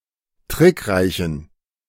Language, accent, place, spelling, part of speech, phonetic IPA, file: German, Germany, Berlin, trickreichen, adjective, [ˈtʁɪkˌʁaɪ̯çn̩], De-trickreichen.ogg
- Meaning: inflection of trickreich: 1. strong genitive masculine/neuter singular 2. weak/mixed genitive/dative all-gender singular 3. strong/weak/mixed accusative masculine singular 4. strong dative plural